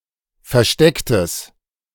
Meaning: strong/mixed nominative/accusative neuter singular of versteckt
- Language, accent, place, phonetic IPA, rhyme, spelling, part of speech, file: German, Germany, Berlin, [fɛɐ̯ˈʃtɛktəs], -ɛktəs, verstecktes, adjective, De-verstecktes.ogg